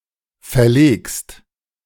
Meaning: second-person singular present of verlegen
- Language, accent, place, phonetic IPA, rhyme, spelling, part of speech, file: German, Germany, Berlin, [fɛɐ̯ˈleːkst], -eːkst, verlegst, verb, De-verlegst.ogg